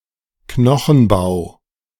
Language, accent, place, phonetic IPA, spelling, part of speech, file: German, Germany, Berlin, [ˈknɔxn̩ˌbaʊ̯], Knochenbau, noun, De-Knochenbau.ogg
- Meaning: bone structure